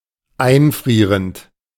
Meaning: present participle of einfrieren
- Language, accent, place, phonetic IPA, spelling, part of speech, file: German, Germany, Berlin, [ˈaɪ̯nˌfʁiːʁənt], einfrierend, verb, De-einfrierend.ogg